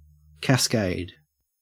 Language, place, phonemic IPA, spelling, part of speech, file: English, Queensland, /kæsˈkæɪd/, cascade, noun / verb, En-au-cascade.ogg
- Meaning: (noun) 1. A waterfall or series of small waterfalls 2. A stream or sequence of a thing or things occurring as if falling like a cascade